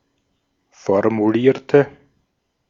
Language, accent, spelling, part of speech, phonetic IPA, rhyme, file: German, Austria, formulierte, adjective / verb, [fɔʁmuˈliːɐ̯tə], -iːɐ̯tə, De-at-formulierte.ogg
- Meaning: inflection of formulieren: 1. first/third-person singular preterite 2. first/third-person singular subjunctive II